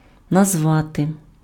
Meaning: to name, to call
- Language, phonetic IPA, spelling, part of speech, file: Ukrainian, [nɐzˈʋate], назвати, verb, Uk-назвати.ogg